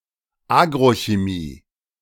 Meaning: agrochemistry
- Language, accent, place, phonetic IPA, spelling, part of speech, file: German, Germany, Berlin, [ˈaːɡʁoçeˌmiː], Agrochemie, noun, De-Agrochemie.ogg